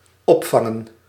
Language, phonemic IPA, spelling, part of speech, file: Dutch, /ˈɔpfɑŋə(n)/, opvangen, verb / noun, Nl-opvangen.ogg
- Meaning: to catch